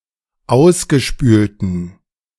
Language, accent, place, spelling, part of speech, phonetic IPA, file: German, Germany, Berlin, ausgespülten, adjective, [ˈaʊ̯sɡəˌʃpyːltn̩], De-ausgespülten.ogg
- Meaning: inflection of ausgespült: 1. strong genitive masculine/neuter singular 2. weak/mixed genitive/dative all-gender singular 3. strong/weak/mixed accusative masculine singular 4. strong dative plural